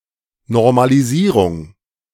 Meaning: normalization
- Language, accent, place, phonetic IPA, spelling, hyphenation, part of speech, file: German, Germany, Berlin, [noʁmaliˈziːʁʊŋ], Normalisierung, Nor‧ma‧li‧sie‧rung, noun, De-Normalisierung.ogg